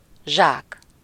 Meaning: bag (smaller), sack (larger)
- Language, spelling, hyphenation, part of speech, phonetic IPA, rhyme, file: Hungarian, zsák, zsák, noun, [ˈʒaːk], -aːk, Hu-zsák.ogg